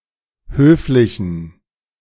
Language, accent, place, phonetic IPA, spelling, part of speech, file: German, Germany, Berlin, [ˈhøːflɪçn̩], höflichen, adjective, De-höflichen.ogg
- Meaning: inflection of höflich: 1. strong genitive masculine/neuter singular 2. weak/mixed genitive/dative all-gender singular 3. strong/weak/mixed accusative masculine singular 4. strong dative plural